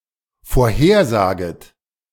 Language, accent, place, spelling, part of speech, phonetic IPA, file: German, Germany, Berlin, vorhersaget, verb, [foːɐ̯ˈheːɐ̯ˌzaːɡət], De-vorhersaget.ogg
- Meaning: second-person plural dependent subjunctive I of vorhersagen